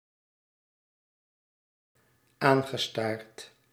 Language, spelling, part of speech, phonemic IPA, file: Dutch, aangestaard, verb, /ˈaŋɣəˌstart/, Nl-aangestaard.ogg
- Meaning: past participle of aanstaren